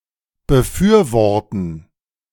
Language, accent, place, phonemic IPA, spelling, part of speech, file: German, Germany, Berlin, /ˈbəˈfyːɐ̯ˌvɔʁtn̩/, befürworten, verb, De-befürworten.ogg
- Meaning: to endorse, to support, to back, to advocate